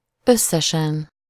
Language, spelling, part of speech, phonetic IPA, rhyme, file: Hungarian, összesen, adverb, [ˈøsːɛʃɛn], -ɛn, Hu-összesen.ogg
- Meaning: altogether, total